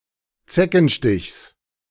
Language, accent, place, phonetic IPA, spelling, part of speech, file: German, Germany, Berlin, [ˈt͡sɛkn̩ˌʃtɪçs], Zeckenstichs, noun, De-Zeckenstichs.ogg
- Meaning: genitive singular of Zeckenstich